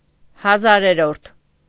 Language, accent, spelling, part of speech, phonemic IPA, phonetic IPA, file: Armenian, Eastern Armenian, հազարերորդ, numeral / noun, /hɑˈzɑɾeɾoɾtʰ/, [hɑzɑ́ɾeɾoɾtʰ], Hy-հազարերորդ.ogg
- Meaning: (numeral) thousandth; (noun) the thousandth part